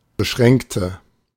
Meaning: inflection of beschränkt: 1. strong/mixed nominative/accusative feminine singular 2. strong nominative/accusative plural 3. weak nominative all-gender singular
- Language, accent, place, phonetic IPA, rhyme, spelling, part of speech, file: German, Germany, Berlin, [bəˈʃʁɛŋktə], -ɛŋktə, beschränkte, adjective / verb, De-beschränkte.ogg